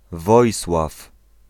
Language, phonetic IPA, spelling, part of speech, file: Polish, [ˈvɔjswaf], Wojsław, proper noun, Pl-Wojsław.ogg